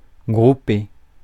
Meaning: to group (to put together to form a group)
- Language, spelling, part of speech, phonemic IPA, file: French, grouper, verb, /ɡʁu.pe/, Fr-grouper.ogg